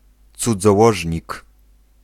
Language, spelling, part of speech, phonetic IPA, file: Polish, cudzołożnik, noun, [ˌt͡sud͡zɔˈwɔʒʲɲik], Pl-cudzołożnik.ogg